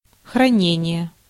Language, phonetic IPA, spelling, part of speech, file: Russian, [xrɐˈnʲenʲɪje], хранение, noun, Ru-хранение.ogg
- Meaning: 1. custody, safekeeping (temporary possession) 2. storage, storing